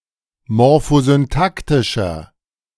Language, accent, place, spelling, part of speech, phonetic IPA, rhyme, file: German, Germany, Berlin, morphosyntaktischer, adjective, [mɔʁfozynˈtaktɪʃɐ], -aktɪʃɐ, De-morphosyntaktischer.ogg
- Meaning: inflection of morphosyntaktisch: 1. strong/mixed nominative masculine singular 2. strong genitive/dative feminine singular 3. strong genitive plural